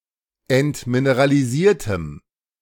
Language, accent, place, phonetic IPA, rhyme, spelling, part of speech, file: German, Germany, Berlin, [ɛntmineʁaliˈziːɐ̯təm], -iːɐ̯təm, entmineralisiertem, adjective, De-entmineralisiertem.ogg
- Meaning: strong dative masculine/neuter singular of entmineralisiert